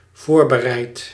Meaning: second/third-person singular dependent-clause present indicative of voorbereiden
- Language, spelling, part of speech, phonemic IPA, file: Dutch, voorbereidt, verb, /ˈvorbəˌrɛit/, Nl-voorbereidt.ogg